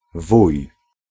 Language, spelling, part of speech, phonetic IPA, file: Polish, wuj, noun, [vuj], Pl-wuj.ogg